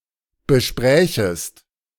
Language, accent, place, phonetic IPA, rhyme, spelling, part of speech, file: German, Germany, Berlin, [bəˈʃpʁɛːçəst], -ɛːçəst, besprächest, verb, De-besprächest.ogg
- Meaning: second-person singular subjunctive II of besprechen